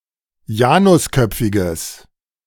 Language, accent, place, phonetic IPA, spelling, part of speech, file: German, Germany, Berlin, [ˈjaːnʊsˌkœp͡fɪɡəs], janusköpfiges, adjective, De-janusköpfiges.ogg
- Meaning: strong/mixed nominative/accusative neuter singular of janusköpfig